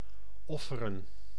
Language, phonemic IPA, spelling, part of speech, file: Dutch, /ˈɔ.fə.rə(n)/, offeren, verb, Nl-offeren.ogg
- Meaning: to sacrifice